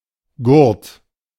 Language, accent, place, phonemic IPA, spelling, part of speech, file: German, Germany, Berlin, /ɡʊʁt/, Gurt, noun, De-Gurt.ogg
- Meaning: strap; belt (tough band, used for purposes other than being worn around the waist)